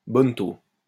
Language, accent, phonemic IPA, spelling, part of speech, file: French, France, /bɔn.to/, bonneteau, noun, LL-Q150 (fra)-bonneteau.wav
- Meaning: three-card monte